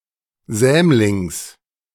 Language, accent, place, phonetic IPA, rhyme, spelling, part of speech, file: German, Germany, Berlin, [ˈzɛːmlɪŋs], -ɛːmlɪŋs, Sämlings, noun, De-Sämlings.ogg
- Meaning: genitive singular of Sämling